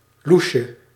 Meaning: seedy, fishy, shady
- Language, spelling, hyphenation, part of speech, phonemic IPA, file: Dutch, louche, lou‧che, adjective, /ˈlu.ʃə/, Nl-louche.ogg